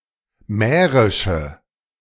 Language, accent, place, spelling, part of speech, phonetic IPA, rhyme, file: German, Germany, Berlin, mährische, adjective, [ˈmɛːʁɪʃə], -ɛːʁɪʃə, De-mährische.ogg
- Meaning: inflection of mährisch: 1. strong/mixed nominative/accusative feminine singular 2. strong nominative/accusative plural 3. weak nominative all-gender singular